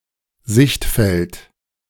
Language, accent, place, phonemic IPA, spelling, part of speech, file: German, Germany, Berlin, /ˈzɪçtfɛlt/, Sichtfeld, noun, De-Sichtfeld.ogg
- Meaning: field of view